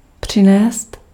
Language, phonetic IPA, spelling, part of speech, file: Czech, [ˈpr̝̊ɪnɛːst], přinést, verb, Cs-přinést.ogg
- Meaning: to bring (by foot an object)